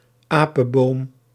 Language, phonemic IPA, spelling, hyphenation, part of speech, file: Dutch, /ˈaː.pə(n)ˌboːm/, apenboom, apen‧boom, noun, Nl-apenboom.ogg
- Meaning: 1. monkey puzzle tree (Araucaria araucana) 2. baobab, tree of the genus Adansonia